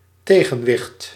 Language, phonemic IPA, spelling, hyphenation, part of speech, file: Dutch, /ˈteː.ɣə(n)ˌʋɪxt/, tegenwicht, te‧gen‧wicht, noun, Nl-tegenwicht.ogg
- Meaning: 1. counterbalance (weight that counterbalances another weight) 2. counterbalance (force or influence that counteracts another one)